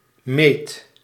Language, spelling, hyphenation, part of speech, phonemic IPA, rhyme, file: Dutch, meet, meet, noun / verb, /meːt/, -eːt, Nl-meet.ogg
- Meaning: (noun) the finish line in a competition; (verb) inflection of meten: 1. first/second/third-person singular present indicative 2. imperative